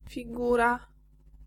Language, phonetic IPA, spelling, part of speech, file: Polish, [fʲiˈɡura], figura, noun, Pl-figura.ogg